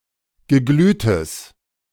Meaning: strong/mixed nominative/accusative neuter singular of geglüht
- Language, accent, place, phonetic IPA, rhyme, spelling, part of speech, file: German, Germany, Berlin, [ɡəˈɡlyːtəs], -yːtəs, geglühtes, adjective, De-geglühtes.ogg